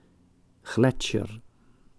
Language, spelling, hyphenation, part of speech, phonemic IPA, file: Dutch, gletsjer, glet‧sjer, noun, /ˈɣlɛt.ʃər/, Nl-gletsjer.ogg
- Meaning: glacier